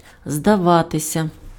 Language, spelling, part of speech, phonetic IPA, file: Ukrainian, здаватися, verb, [zdɐˈʋatesʲɐ], Uk-здаватися.ogg
- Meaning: 1. to seem 2. to be rented out, to be leased 3. to surrender, to yield 4. to give up, to give in 5. to give in, to give way